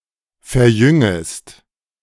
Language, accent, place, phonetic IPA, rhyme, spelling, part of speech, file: German, Germany, Berlin, [fɛɐ̯ˈjʏŋəst], -ʏŋəst, verjüngest, verb, De-verjüngest.ogg
- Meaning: second-person singular subjunctive I of verjüngen